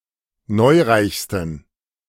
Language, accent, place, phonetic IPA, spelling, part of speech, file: German, Germany, Berlin, [ˈnɔɪ̯ˌʁaɪ̯çstn̩], neureichsten, adjective, De-neureichsten.ogg
- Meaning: 1. superlative degree of neureich 2. inflection of neureich: strong genitive masculine/neuter singular superlative degree